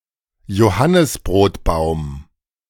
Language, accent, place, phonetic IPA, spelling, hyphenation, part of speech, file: German, Germany, Berlin, [joˈhanɪsbʁoːtˌbaʊ̯m], Johannisbrotbaum, Jo‧han‧nis‧brot‧baum, noun, De-Johannisbrotbaum.ogg
- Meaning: carob (tree, Ceratonia siliqua)